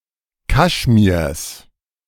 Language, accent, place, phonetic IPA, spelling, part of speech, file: German, Germany, Berlin, [ˈkaʃmiːɐ̯s], Kaschmirs, noun, De-Kaschmirs.ogg
- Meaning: genitive singular of Kaschmir